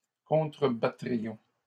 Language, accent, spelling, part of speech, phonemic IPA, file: French, Canada, contrebattrions, verb, /kɔ̃.tʁə.ba.tʁi.jɔ̃/, LL-Q150 (fra)-contrebattrions.wav
- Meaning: first-person plural conditional of contrebattre